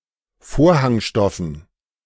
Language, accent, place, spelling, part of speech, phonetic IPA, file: German, Germany, Berlin, Vorhangstoffen, noun, [ˈfoːɐ̯haŋˌʃtɔfn̩], De-Vorhangstoffen.ogg
- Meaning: dative plural of Vorhangstoff